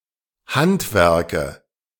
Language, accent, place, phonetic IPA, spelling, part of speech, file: German, Germany, Berlin, [ˈhantˌvɛʁkə], Handwerke, noun, De-Handwerke.ogg
- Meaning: nominative/accusative/genitive plural of Handwerk